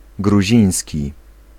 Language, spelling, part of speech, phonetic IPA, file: Polish, gruziński, adjective / noun, [ɡruˈʑĩj̃sʲci], Pl-gruziński.ogg